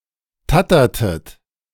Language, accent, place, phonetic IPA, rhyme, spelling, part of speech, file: German, Germany, Berlin, [ˈtatɐtət], -atɐtət, tattertet, verb, De-tattertet.ogg
- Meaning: inflection of tattern: 1. second-person plural preterite 2. second-person plural subjunctive II